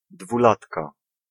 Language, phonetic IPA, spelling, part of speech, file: Polish, [dvuˈlatka], dwulatka, noun, Pl-dwulatka.ogg